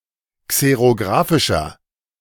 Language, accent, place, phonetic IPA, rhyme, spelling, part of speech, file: German, Germany, Berlin, [ˌkseʁoˈɡʁaːfɪʃɐ], -aːfɪʃɐ, xerographischer, adjective, De-xerographischer.ogg
- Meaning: inflection of xerographisch: 1. strong/mixed nominative masculine singular 2. strong genitive/dative feminine singular 3. strong genitive plural